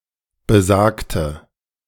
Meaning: inflection of besagt: 1. strong/mixed nominative/accusative feminine singular 2. strong nominative/accusative plural 3. weak nominative all-gender singular 4. weak accusative feminine/neuter singular
- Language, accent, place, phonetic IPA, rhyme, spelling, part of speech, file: German, Germany, Berlin, [bəˈzaːktə], -aːktə, besagte, adjective / verb, De-besagte.ogg